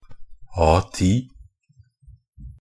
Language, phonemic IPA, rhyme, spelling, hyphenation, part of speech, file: Norwegian Bokmål, /ˈɑːtiː/, -iː, A10, A‧10, noun, NB - Pronunciation of Norwegian Bokmål «A10».ogg
- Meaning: A standard paper size, defined by ISO 216